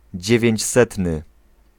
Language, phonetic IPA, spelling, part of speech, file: Polish, [ˌd͡ʑɛvʲjɛ̇̃ɲt͡ɕˈsɛtnɨ], dziewięćsetny, adjective, Pl-dziewięćsetny.ogg